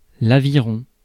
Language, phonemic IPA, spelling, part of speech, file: French, /a.vi.ʁɔ̃/, aviron, noun, Fr-aviron.ogg
- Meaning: 1. rowing 2. oar